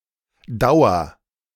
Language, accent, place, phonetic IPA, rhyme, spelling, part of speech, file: German, Germany, Berlin, [ˈdaʊ̯ɐ], -aʊ̯ɐ, dauer, verb, De-dauer.ogg
- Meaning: inflection of dauern: 1. first-person singular present 2. singular imperative